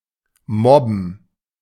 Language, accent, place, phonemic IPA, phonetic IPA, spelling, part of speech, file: German, Germany, Berlin, /ˈmɔbən/, [ˈmɔbm̩], mobben, verb, De-mobben.ogg
- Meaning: to bully